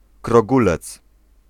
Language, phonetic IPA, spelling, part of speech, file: Polish, [krɔˈɡulɛt͡s], krogulec, noun, Pl-krogulec.ogg